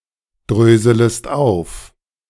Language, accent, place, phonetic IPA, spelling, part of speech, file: German, Germany, Berlin, [ˌdʁøːzələst ˈaʊ̯f], dröselest auf, verb, De-dröselest auf.ogg
- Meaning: second-person singular subjunctive I of aufdröseln